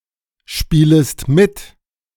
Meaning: second-person singular subjunctive I of mitspielen
- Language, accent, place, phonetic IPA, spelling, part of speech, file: German, Germany, Berlin, [ˌʃpiːləst ˈmɪt], spielest mit, verb, De-spielest mit.ogg